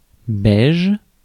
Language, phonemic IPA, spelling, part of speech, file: French, /bɛʒ/, beige, adjective, Fr-beige.ogg
- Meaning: beige